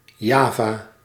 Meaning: 1. Java (island of Indonesia) 2. a neighbourhood of Almelo, Overijssel, Netherlands
- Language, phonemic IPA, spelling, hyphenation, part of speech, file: Dutch, /ˈjaː.vaː/, Java, Ja‧va, proper noun, Nl-Java.ogg